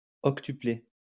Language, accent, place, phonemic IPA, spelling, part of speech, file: French, France, Lyon, /ɔk.ty.ple/, octuplé, verb, LL-Q150 (fra)-octuplé.wav
- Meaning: past participle of octupler